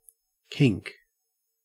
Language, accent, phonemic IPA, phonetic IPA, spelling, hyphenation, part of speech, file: English, Australia, /ˈkɪ̝ŋk/, [ˈkʰɪ̝ŋk], kink, kink, verb / noun, En-au-kink.ogg
- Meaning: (verb) 1. To laugh loudly 2. To gasp for breath as in a severe fit of coughing